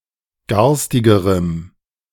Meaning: strong dative masculine/neuter singular comparative degree of garstig
- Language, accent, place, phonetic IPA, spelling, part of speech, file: German, Germany, Berlin, [ˈɡaʁstɪɡəʁəm], garstigerem, adjective, De-garstigerem.ogg